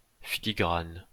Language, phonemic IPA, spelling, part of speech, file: French, /fi.li.ɡʁan/, filigrane, noun / verb, LL-Q150 (fra)-filigrane.wav
- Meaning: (noun) 1. watermark (translucent design impressed on paper) 2. filigree; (verb) inflection of filigraner: first/third-person singular present indicative/subjunctive